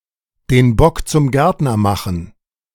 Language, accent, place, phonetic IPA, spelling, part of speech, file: German, Germany, Berlin, [deːn ˈbɔk t͡sʊm ˈɡɛʁtnɐ ˌmaxn̩], den Bock zum Gärtner machen, phrase, De-den Bock zum Gärtner machen.ogg
- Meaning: fox guarding the henhouse